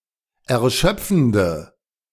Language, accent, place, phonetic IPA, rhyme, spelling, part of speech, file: German, Germany, Berlin, [ɛɐ̯ˈʃœp͡fn̩də], -œp͡fn̩də, erschöpfende, adjective, De-erschöpfende.ogg
- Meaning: inflection of erschöpfend: 1. strong/mixed nominative/accusative feminine singular 2. strong nominative/accusative plural 3. weak nominative all-gender singular